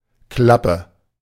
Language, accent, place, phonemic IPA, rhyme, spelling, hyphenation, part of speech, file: German, Germany, Berlin, /ˈklapə/, -apə, Klappe, Klap‧pe, noun / interjection, De-Klappe.ogg